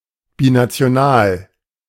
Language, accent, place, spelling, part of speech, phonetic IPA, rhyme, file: German, Germany, Berlin, binational, adjective, [binat͡si̯oˈnaːl], -aːl, De-binational.ogg
- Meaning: binational